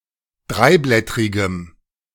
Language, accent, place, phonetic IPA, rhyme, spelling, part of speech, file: German, Germany, Berlin, [ˈdʁaɪ̯ˌblɛtʁɪɡəm], -aɪ̯blɛtʁɪɡəm, dreiblättrigem, adjective, De-dreiblättrigem.ogg
- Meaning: strong dative masculine/neuter singular of dreiblättrig